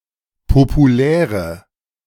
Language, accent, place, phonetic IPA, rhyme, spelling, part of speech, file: German, Germany, Berlin, [popuˈlɛːʁə], -ɛːʁə, populäre, adjective, De-populäre.ogg
- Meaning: inflection of populär: 1. strong/mixed nominative/accusative feminine singular 2. strong nominative/accusative plural 3. weak nominative all-gender singular 4. weak accusative feminine/neuter singular